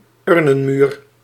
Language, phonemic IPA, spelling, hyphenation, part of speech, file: Dutch, /ˈʏr.nə(n)ˌmyːr/, urnenmuur, ur‧nen‧muur, noun, Nl-urnenmuur.ogg
- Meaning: columbarium, urn wall